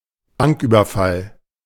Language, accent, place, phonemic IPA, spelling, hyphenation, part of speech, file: German, Germany, Berlin, /ˈbaŋkˌʔyːbɐfal/, Banküberfall, Bank‧über‧fall, noun, De-Banküberfall.ogg
- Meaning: bank raid, bank robbery, bank heist